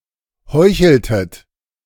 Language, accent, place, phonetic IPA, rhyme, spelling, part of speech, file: German, Germany, Berlin, [ˈhɔɪ̯çl̩tət], -ɔɪ̯çl̩tət, heucheltet, verb, De-heucheltet.ogg
- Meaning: inflection of heucheln: 1. second-person plural preterite 2. second-person plural subjunctive II